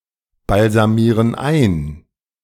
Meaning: inflection of einbalsamieren: 1. first/third-person plural present 2. first/third-person plural subjunctive I
- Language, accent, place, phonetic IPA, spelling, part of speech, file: German, Germany, Berlin, [balzaˌmiːʁən ˈaɪ̯n], balsamieren ein, verb, De-balsamieren ein.ogg